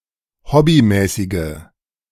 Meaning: inflection of hobbymäßig: 1. strong/mixed nominative/accusative feminine singular 2. strong nominative/accusative plural 3. weak nominative all-gender singular
- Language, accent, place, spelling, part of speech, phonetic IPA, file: German, Germany, Berlin, hobbymäßige, adjective, [ˈhɔbiˌmɛːsɪɡə], De-hobbymäßige.ogg